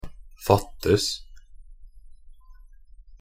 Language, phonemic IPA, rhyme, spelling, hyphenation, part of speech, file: Norwegian Bokmål, /ˈfatːəs/, -əs, fattes, fat‧tes, verb, Nb-fattes.ogg
- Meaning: 1. to lack 2. passive of fatte